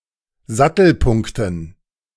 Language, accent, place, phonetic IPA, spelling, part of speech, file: German, Germany, Berlin, [ˈzatl̩ˌpʊŋktn̩], Sattelpunkten, noun, De-Sattelpunkten.ogg
- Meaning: dative plural of Sattelpunkt